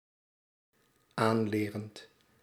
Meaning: present participle of aanleren
- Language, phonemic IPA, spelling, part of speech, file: Dutch, /ˈanlerənt/, aanlerend, verb, Nl-aanlerend.ogg